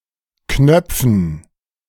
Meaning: 1. gerund of knöpfen 2. dative plural of Knopf
- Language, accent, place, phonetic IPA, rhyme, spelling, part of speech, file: German, Germany, Berlin, [ˈknœp͡fn̩], -œp͡fn̩, Knöpfen, noun, De-Knöpfen.ogg